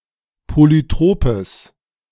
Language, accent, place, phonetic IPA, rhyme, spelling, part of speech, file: German, Germany, Berlin, [ˌpolyˈtʁoːpəs], -oːpəs, polytropes, adjective, De-polytropes.ogg
- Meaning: strong/mixed nominative/accusative neuter singular of polytrop